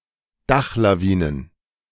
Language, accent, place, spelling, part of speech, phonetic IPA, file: German, Germany, Berlin, Dachlawinen, noun, [ˈdaxlaˌviːnən], De-Dachlawinen.ogg
- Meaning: plural of Dachlawine